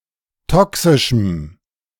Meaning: strong dative masculine/neuter singular of toxisch
- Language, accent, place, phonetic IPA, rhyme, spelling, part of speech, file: German, Germany, Berlin, [ˈtɔksɪʃm̩], -ɔksɪʃm̩, toxischem, adjective, De-toxischem.ogg